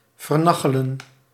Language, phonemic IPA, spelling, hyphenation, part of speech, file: Dutch, /vərˈnɑ.xə.lə(n)/, vernachelen, ver‧na‧che‧len, verb, Nl-vernachelen.ogg
- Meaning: 1. to con, to scam, to deceive 2. to mess up, to waste, to destroy